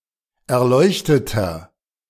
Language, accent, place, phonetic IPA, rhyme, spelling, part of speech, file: German, Germany, Berlin, [ɛɐ̯ˈlɔɪ̯çtətɐ], -ɔɪ̯çtətɐ, erleuchteter, adjective, De-erleuchteter.ogg
- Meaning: 1. comparative degree of erleuchtet 2. inflection of erleuchtet: strong/mixed nominative masculine singular 3. inflection of erleuchtet: strong genitive/dative feminine singular